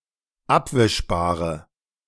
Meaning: inflection of abwischbar: 1. strong/mixed nominative/accusative feminine singular 2. strong nominative/accusative plural 3. weak nominative all-gender singular
- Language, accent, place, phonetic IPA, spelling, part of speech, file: German, Germany, Berlin, [ˈapvɪʃbaːʁə], abwischbare, adjective, De-abwischbare.ogg